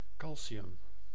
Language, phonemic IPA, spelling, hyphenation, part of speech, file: Dutch, /ˈkɑl.siˌʏm/, calcium, cal‧ci‧um, noun, Nl-calcium.ogg
- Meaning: calcium